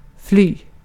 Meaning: 1. to flee, to run away, to escape 2. to pass, to go by (of time)
- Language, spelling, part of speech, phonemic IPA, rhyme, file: Swedish, fly, verb, /ˈflyː/, -yː, Sv-fly.ogg